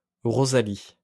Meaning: a female given name, equivalent to English Rosalie
- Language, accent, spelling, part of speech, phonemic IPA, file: French, France, Rosalie, proper noun, /ʁo.za.li/, LL-Q150 (fra)-Rosalie.wav